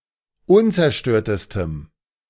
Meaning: strong dative masculine/neuter singular superlative degree of unzerstört
- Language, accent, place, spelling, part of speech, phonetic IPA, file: German, Germany, Berlin, unzerstörtestem, adjective, [ˈʊnt͡sɛɐ̯ˌʃtøːɐ̯təstəm], De-unzerstörtestem.ogg